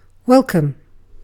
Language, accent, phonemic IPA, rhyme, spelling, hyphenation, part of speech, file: English, UK, /ˈwɛl.kəm/, -ɛlkəm, welcome, wel‧come, adjective / interjection / noun / verb, En-uk-welcome.ogg
- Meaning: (adjective) 1. Whose arrival is a cause of joy; received with gladness; admitted willingly to the house, entertainment, or company 2. Producing gladness